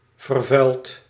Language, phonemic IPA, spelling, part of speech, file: Dutch, /vərˈvœylt/, vervuild, verb, Nl-vervuild.ogg
- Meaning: past participle of vervuilen